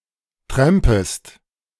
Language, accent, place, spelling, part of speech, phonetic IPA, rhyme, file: German, Germany, Berlin, trampest, verb, [ˈtʁɛmpəst], -ɛmpəst, De-trampest.ogg
- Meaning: second-person singular subjunctive I of trampen